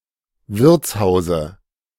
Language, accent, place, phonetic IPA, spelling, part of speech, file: German, Germany, Berlin, [ˈvɪʁt͡sˌhaʊ̯zə], Wirtshause, noun, De-Wirtshause.ogg
- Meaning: dative of Wirtshaus